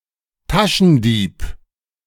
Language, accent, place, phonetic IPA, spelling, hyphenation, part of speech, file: German, Germany, Berlin, [ˈtaʃn̩ˌdiːp], Taschendieb, Ta‧schen‧dieb, noun, De-Taschendieb.ogg
- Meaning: pickpocket